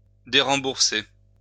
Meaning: to no longer reimburse
- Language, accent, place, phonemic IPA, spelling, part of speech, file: French, France, Lyon, /de.ʁɑ̃.buʁ.se/, dérembourser, verb, LL-Q150 (fra)-dérembourser.wav